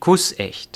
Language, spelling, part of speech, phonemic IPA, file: German, kussecht, adjective, /ˈkʊsˌʔɛçt/, De-kussecht.ogg
- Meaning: kissproof